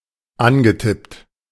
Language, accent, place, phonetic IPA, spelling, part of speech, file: German, Germany, Berlin, [ˈanɡəˌtɪpt], angetippt, verb, De-angetippt.ogg
- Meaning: past participle of antippen